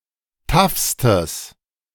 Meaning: strong/mixed nominative/accusative neuter singular superlative degree of taff
- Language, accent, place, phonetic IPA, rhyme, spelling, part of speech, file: German, Germany, Berlin, [ˈtafstəs], -afstəs, taffstes, adjective, De-taffstes.ogg